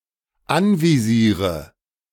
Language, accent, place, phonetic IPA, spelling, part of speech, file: German, Germany, Berlin, [ˈanviˌziːʁə], anvisiere, verb, De-anvisiere.ogg
- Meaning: inflection of anvisieren: 1. first-person singular dependent present 2. first/third-person singular dependent subjunctive I